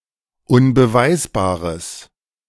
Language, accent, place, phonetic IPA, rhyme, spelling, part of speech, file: German, Germany, Berlin, [ʊnbəˈvaɪ̯sbaːʁəs], -aɪ̯sbaːʁəs, unbeweisbares, adjective, De-unbeweisbares.ogg
- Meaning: strong/mixed nominative/accusative neuter singular of unbeweisbar